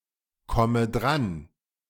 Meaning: inflection of drankommen: 1. first-person singular present 2. first/third-person singular subjunctive I 3. singular imperative
- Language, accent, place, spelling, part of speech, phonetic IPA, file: German, Germany, Berlin, komme dran, verb, [ˌkɔmə ˈdʁan], De-komme dran.ogg